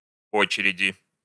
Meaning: inflection of о́чередь (óčeredʹ): 1. genitive/dative/prepositional singular 2. nominative/accusative plural
- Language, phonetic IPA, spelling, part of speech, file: Russian, [ˈot͡ɕɪrʲɪdʲɪ], очереди, noun, Ru-очереди.ogg